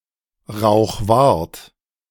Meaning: a municipality of Burgenland, Austria
- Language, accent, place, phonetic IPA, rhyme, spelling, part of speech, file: German, Germany, Berlin, [ʁaʊ̯xˈvaʁt], -aʁt, Rauchwart, proper noun, De-Rauchwart.ogg